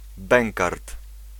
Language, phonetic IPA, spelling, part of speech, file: Polish, [ˈbɛ̃ŋkart], bękart, noun, Pl-bękart.ogg